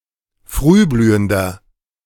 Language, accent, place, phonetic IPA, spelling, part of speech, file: German, Germany, Berlin, [ˈfʁyːˌblyːəndɐ], frühblühender, adjective, De-frühblühender.ogg
- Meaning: inflection of frühblühend: 1. strong/mixed nominative masculine singular 2. strong genitive/dative feminine singular 3. strong genitive plural